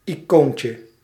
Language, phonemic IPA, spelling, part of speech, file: Dutch, /iˈkoɲcə/, icoontje, noun, Nl-icoontje.ogg
- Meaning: diminutive of icoon